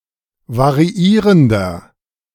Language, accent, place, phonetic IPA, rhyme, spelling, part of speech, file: German, Germany, Berlin, [vaʁiˈiːʁəndɐ], -iːʁəndɐ, variierender, adjective, De-variierender.ogg
- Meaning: inflection of variierend: 1. strong/mixed nominative masculine singular 2. strong genitive/dative feminine singular 3. strong genitive plural